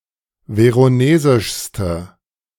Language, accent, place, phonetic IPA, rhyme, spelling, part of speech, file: German, Germany, Berlin, [ˌveʁoˈneːzɪʃstə], -eːzɪʃstə, veronesischste, adjective, De-veronesischste.ogg
- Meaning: inflection of veronesisch: 1. strong/mixed nominative/accusative feminine singular superlative degree 2. strong nominative/accusative plural superlative degree